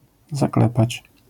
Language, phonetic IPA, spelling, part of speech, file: Polish, [zaˈklɛpat͡ɕ], zaklepać, verb, LL-Q809 (pol)-zaklepać.wav